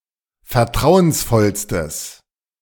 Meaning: strong/mixed nominative/accusative neuter singular superlative degree of vertrauensvoll
- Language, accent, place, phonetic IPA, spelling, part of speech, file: German, Germany, Berlin, [fɛɐ̯ˈtʁaʊ̯ənsˌfɔlstəs], vertrauensvollstes, adjective, De-vertrauensvollstes.ogg